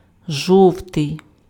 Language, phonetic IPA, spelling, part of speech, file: Ukrainian, [ˈʒɔu̯tei̯], жовтий, adjective, Uk-жовтий.ogg
- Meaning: yellow